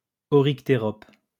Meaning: aardvark
- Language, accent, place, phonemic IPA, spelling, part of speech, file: French, France, Lyon, /ɔ.ʁik.te.ʁɔp/, oryctérope, noun, LL-Q150 (fra)-oryctérope.wav